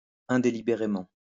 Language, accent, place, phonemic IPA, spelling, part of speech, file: French, France, Lyon, /ɛ̃.de.li.be.ʁe.mɑ̃/, indélibérément, adverb, LL-Q150 (fra)-indélibérément.wav
- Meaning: accidentally (not deliberately)